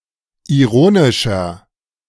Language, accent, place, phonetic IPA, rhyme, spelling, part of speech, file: German, Germany, Berlin, [iˈʁoːnɪʃɐ], -oːnɪʃɐ, ironischer, adjective, De-ironischer.ogg
- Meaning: 1. comparative degree of ironisch 2. inflection of ironisch: strong/mixed nominative masculine singular 3. inflection of ironisch: strong genitive/dative feminine singular